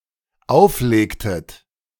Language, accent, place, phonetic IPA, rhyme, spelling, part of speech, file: German, Germany, Berlin, [ˈaʊ̯fˌleːktət], -aʊ̯fleːktət, auflegtet, verb, De-auflegtet.ogg
- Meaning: inflection of auflegen: 1. second-person plural dependent preterite 2. second-person plural dependent subjunctive II